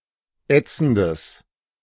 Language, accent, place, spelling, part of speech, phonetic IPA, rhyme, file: German, Germany, Berlin, ätzendes, adjective, [ˈɛt͡sn̩dəs], -ɛt͡sn̩dəs, De-ätzendes.ogg
- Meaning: strong/mixed nominative/accusative neuter singular of ätzend